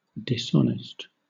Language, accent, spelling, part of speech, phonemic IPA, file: English, Southern England, dishonest, adjective, /dɪˈsɒnɪst/, LL-Q1860 (eng)-dishonest.wav
- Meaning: 1. Not honest; shoddy 2. Interfering with honesty 3. Dishonorable; shameful; indecent; unchaste; lewd 4. Dishonoured; disgraced; disfigured